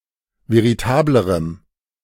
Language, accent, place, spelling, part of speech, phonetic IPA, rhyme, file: German, Germany, Berlin, veritablerem, adjective, [veʁiˈtaːbləʁəm], -aːbləʁəm, De-veritablerem.ogg
- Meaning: strong dative masculine/neuter singular comparative degree of veritabel